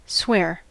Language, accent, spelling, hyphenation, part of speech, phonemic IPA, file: English, US, swear, swear, verb / noun / adjective, /ˈswɛɚ/, En-us-swear.ogg
- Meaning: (verb) 1. To take an oath, to promise intensely, solemnly, and/or with legally binding effect 2. To take an oath that an assertion is true